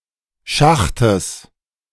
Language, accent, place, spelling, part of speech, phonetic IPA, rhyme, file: German, Germany, Berlin, Schachtes, noun, [ˈʃaxtəs], -axtəs, De-Schachtes.ogg
- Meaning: genitive singular of Schacht